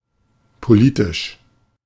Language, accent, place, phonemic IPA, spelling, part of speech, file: German, Germany, Berlin, /poˈliːtɪʃ/, politisch, adjective, De-politisch.ogg
- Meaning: political (concerning or related to politics)